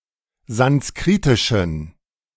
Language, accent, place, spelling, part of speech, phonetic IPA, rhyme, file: German, Germany, Berlin, sanskritischen, adjective, [zansˈkʁiːtɪʃn̩], -iːtɪʃn̩, De-sanskritischen.ogg
- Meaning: inflection of sanskritisch: 1. strong genitive masculine/neuter singular 2. weak/mixed genitive/dative all-gender singular 3. strong/weak/mixed accusative masculine singular 4. strong dative plural